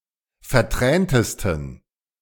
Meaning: 1. superlative degree of vertränt 2. inflection of vertränt: strong genitive masculine/neuter singular superlative degree
- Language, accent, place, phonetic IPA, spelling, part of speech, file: German, Germany, Berlin, [fɛɐ̯ˈtʁɛːntəstn̩], verträntesten, adjective, De-verträntesten.ogg